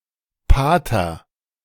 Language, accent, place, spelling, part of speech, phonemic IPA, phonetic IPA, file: German, Germany, Berlin, Pater, noun, /ˈpaːtər/, [ˈpaː.tɐ], De-Pater.ogg
- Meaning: 1. father (monk who is a priest) 2. Father (address for a priest)